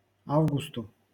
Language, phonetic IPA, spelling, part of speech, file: Russian, [ˈavɡʊstʊ], августу, noun, LL-Q7737 (rus)-августу.wav
- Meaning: dative singular of а́вгуст (ávgust)